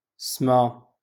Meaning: sky
- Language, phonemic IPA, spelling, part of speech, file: Moroccan Arabic, /sma/, سما, noun, LL-Q56426 (ary)-سما.wav